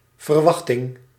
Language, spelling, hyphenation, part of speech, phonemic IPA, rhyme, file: Dutch, verwachting, ver‧wach‧ting, noun, /vərˈʋɑx.tɪŋ/, -ɑxtɪŋ, Nl-verwachting.ogg
- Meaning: 1. expectation 2. forecast